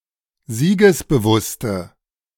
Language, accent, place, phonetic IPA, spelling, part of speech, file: German, Germany, Berlin, [ˈziːɡəsbəˌvʊstə], siegesbewusste, adjective, De-siegesbewusste.ogg
- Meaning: inflection of siegesbewusst: 1. strong/mixed nominative/accusative feminine singular 2. strong nominative/accusative plural 3. weak nominative all-gender singular